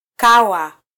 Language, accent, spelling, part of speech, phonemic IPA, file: Swahili, Kenya, kawa, verb / noun, /ˈkɑ.wɑ/, Sw-ke-kawa.flac
- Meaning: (verb) to delay, be late, tarry; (noun) cover (of food)